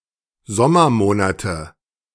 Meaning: nominative/accusative/genitive plural of Sommermonat
- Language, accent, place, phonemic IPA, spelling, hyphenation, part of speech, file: German, Germany, Berlin, /ˈzɔmɐˌmoːnatə/, Sommermonate, Som‧mer‧mo‧na‧te, noun, De-Sommermonate.ogg